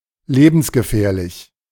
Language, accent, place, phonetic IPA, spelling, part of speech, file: German, Germany, Berlin, [ˈleːbn̩sɡəˌfɛːɐ̯lɪç], lebensgefährlich, adjective, De-lebensgefährlich.ogg
- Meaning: extremely dangerous, life-threatening (dangerous enough potentially to result in death, as opposed to merely injury)